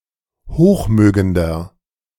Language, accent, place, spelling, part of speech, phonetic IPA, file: German, Germany, Berlin, hochmögender, adjective, [ˈhoːxˌmøːɡəndɐ], De-hochmögender.ogg
- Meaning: 1. comparative degree of hochmögend 2. inflection of hochmögend: strong/mixed nominative masculine singular 3. inflection of hochmögend: strong genitive/dative feminine singular